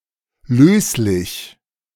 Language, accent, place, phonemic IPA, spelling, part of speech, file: German, Germany, Berlin, /ˈløːslɪç/, löslich, adjective, De-löslich.ogg
- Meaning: soluble